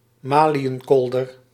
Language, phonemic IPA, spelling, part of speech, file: Dutch, /ˈmaː.li.ənˌkɔl.dər/, maliënkolder, noun, Nl-maliënkolder.ogg
- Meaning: mail, shirt of mail armour